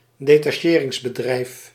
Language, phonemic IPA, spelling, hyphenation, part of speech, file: Dutch, /deː.tɑˈʃeː.rɪŋs.bəˌdrɛi̯f/, detacheringsbedrijf, de‧ta‧che‧rings‧be‧drijf, noun, Nl-detacheringsbedrijf.ogg
- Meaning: a contracting company